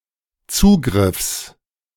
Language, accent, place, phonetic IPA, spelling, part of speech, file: German, Germany, Berlin, [ˈt͡suːɡʁɪfs], Zugriffs, noun, De-Zugriffs.ogg
- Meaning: genitive singular of Zugriff